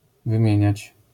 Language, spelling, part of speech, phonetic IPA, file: Polish, wymieniać, verb, [vɨ̃ˈmʲjɛ̇̃ɲät͡ɕ], LL-Q809 (pol)-wymieniać.wav